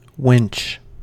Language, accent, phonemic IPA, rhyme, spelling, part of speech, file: English, US, /wɪnt͡ʃ/, -ɪntʃ, winch, noun / verb, En-us-winch.ogg